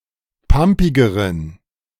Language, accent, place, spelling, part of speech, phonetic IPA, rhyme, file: German, Germany, Berlin, pampigeren, adjective, [ˈpampɪɡəʁən], -ampɪɡəʁən, De-pampigeren.ogg
- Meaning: inflection of pampig: 1. strong genitive masculine/neuter singular comparative degree 2. weak/mixed genitive/dative all-gender singular comparative degree